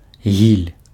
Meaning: bullfinch (small passerine bird)
- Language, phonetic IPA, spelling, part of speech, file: Belarusian, [ɣʲilʲ], гіль, noun, Be-гіль.ogg